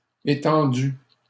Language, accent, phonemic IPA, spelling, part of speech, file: French, Canada, /e.tɑ̃.dy/, étendus, adjective, LL-Q150 (fra)-étendus.wav
- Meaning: masculine plural of étendu